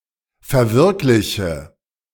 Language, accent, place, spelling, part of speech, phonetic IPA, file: German, Germany, Berlin, verwirkliche, verb, [fɛɐ̯ˈvɪʁklɪçə], De-verwirkliche.ogg
- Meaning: inflection of verwirklichen: 1. first-person singular present 2. first/third-person singular subjunctive I 3. singular imperative